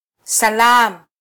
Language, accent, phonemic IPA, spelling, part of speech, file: Swahili, Kenya, /sɑˈlɑːm/, salaam, interjection, Sw-ke-salaam.flac
- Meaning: hello